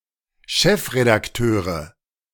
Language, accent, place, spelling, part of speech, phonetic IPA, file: German, Germany, Berlin, Chefredakteure, noun, [ˈʃɛfʁedakˌtøːʁə], De-Chefredakteure.ogg
- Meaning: nominative/accusative/genitive plural of Chefredakteur